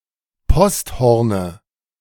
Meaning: dative of Posthorn
- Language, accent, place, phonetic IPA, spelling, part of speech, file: German, Germany, Berlin, [ˈpɔstˌhɔʁnə], Posthorne, noun, De-Posthorne.ogg